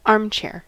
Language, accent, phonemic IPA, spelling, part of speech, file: English, US, /ˈɑɹmt͡ʃɛɚ/, armchair, noun / adjective / verb, En-us-armchair.ogg
- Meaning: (noun) 1. A chair with supports for the arms or elbows 2. An upholstered chair without armrests intended for the living room